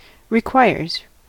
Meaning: third-person singular simple present indicative of require
- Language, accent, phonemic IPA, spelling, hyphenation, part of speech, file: English, US, /ɹɪˈkwaɪɹz/, requires, re‧quires, verb, En-us-requires.ogg